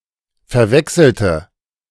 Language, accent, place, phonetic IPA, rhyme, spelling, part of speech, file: German, Germany, Berlin, [fɛɐ̯ˈvɛksl̩tə], -ɛksl̩tə, verwechselte, adjective / verb, De-verwechselte.ogg
- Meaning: inflection of verwechseln: 1. first/third-person singular preterite 2. first/third-person singular subjunctive II